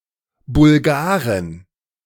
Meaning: 1. genitive singular of Bulgare 2. dative singular of Bulgare 3. accusative singular of Bulgare 4. plural of Bulgare
- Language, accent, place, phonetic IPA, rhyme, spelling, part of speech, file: German, Germany, Berlin, [bʊlˈɡaːʁən], -aːʁən, Bulgaren, noun, De-Bulgaren.ogg